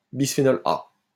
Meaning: bisphenol A
- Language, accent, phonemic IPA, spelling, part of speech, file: French, France, /bis.fe.nɔl a/, bisphénol A, noun, LL-Q150 (fra)-bisphénol A.wav